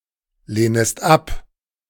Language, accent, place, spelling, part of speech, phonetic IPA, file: German, Germany, Berlin, lehnest ab, verb, [ˌleːnəst ˈap], De-lehnest ab.ogg
- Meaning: second-person singular subjunctive I of ablehnen